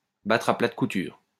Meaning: to wipe the floor with, to beat hollow, to beat to a pulp, to shellac, to drub (to defeat severely, to inflict a heavy defeat upon)
- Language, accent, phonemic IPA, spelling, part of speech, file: French, France, /batʁ a plat ku.tyʁ/, battre à plate couture, verb, LL-Q150 (fra)-battre à plate couture.wav